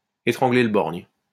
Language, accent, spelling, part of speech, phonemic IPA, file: French, France, étrangler le borgne, verb, /e.tʁɑ̃.ɡle l(ə) bɔʁɲ/, LL-Q150 (fra)-étrangler le borgne.wav
- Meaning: to wank, masturbate (literally, “to choke the one-eyed man”)